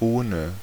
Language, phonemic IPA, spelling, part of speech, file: German, /ˈoːnə/, ohne, conjunction / preposition / adverb, De-ohne.ogg
- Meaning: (conjunction) without